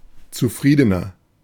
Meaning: inflection of zufrieden: 1. strong/mixed nominative masculine singular 2. strong genitive/dative feminine singular 3. strong genitive plural
- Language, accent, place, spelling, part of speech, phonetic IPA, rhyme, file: German, Germany, Berlin, zufriedener, adjective, [t͡suˈfʁiːdənɐ], -iːdənɐ, De-zufriedener.ogg